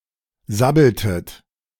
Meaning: inflection of sabbeln: 1. second-person plural preterite 2. second-person plural subjunctive II
- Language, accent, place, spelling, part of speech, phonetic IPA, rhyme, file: German, Germany, Berlin, sabbeltet, verb, [ˈzabl̩tət], -abl̩tət, De-sabbeltet.ogg